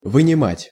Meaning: to take out, to pull out, to draw out, to extract
- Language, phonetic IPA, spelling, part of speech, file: Russian, [vɨnʲɪˈmatʲ], вынимать, verb, Ru-вынимать.ogg